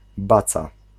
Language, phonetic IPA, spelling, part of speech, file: Polish, [ˈbat͡sa], baca, noun, Pl-baca.ogg